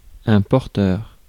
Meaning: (noun) 1. carrier (one who carries) 2. porter (person who carries luggage and related objects) 3. bringer; bearer 4. wearer (one who wears); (adjective) carrying (in the process or carrying)
- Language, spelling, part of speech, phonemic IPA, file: French, porteur, noun / adjective, /pɔʁ.tœʁ/, Fr-porteur.ogg